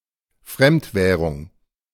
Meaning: foreign currency
- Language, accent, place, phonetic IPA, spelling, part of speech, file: German, Germany, Berlin, [ˈfʁɛmtˌvɛːʁʊŋ], Fremdwährung, noun, De-Fremdwährung.ogg